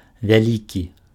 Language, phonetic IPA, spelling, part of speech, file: Belarusian, [vʲaˈlʲikʲi], вялікі, adjective, Be-вялікі.ogg
- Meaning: big, great, large